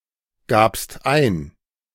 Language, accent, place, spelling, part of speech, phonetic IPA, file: German, Germany, Berlin, gabst ein, verb, [ˌɡaːpst ˈaɪ̯n], De-gabst ein.ogg
- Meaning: second-person singular preterite of eingeben